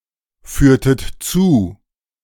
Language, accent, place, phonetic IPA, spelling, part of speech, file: German, Germany, Berlin, [ˌfyːɐ̯tət ˈt͡suː], führtet zu, verb, De-führtet zu.ogg
- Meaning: inflection of zuführen: 1. second-person plural preterite 2. second-person plural subjunctive II